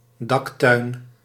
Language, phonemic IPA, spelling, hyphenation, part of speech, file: Dutch, /ˈdɑktœy̯n/, daktuin, dak‧tuin, noun, Nl-daktuin.ogg
- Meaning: roof garden